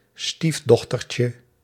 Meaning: diminutive of stiefdochter
- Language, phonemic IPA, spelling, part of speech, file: Dutch, /ˈˈstivdɔxtərcə/, stiefdochtertje, noun, Nl-stiefdochtertje.ogg